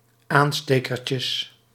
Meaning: plural of aanstekertje
- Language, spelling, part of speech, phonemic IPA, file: Dutch, aanstekertjes, noun, /ˈanstekərcəs/, Nl-aanstekertjes.ogg